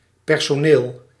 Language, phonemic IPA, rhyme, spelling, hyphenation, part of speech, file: Dutch, /pɛr.soːˈneːl/, -eːl, personeel, per‧so‧neel, noun / adjective, Nl-personeel.ogg
- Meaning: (noun) staff (employees); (adjective) personnel-related